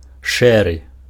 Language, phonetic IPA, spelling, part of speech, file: Belarusian, [ˈʂɛrɨ], шэры, adjective, Be-шэры.ogg
- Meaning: grey